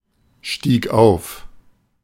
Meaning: first/third-person singular preterite of aufsteigen
- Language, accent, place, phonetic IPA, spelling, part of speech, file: German, Germany, Berlin, [ˌʃtiːk ˈaʊ̯f], stieg auf, verb, De-stieg auf.ogg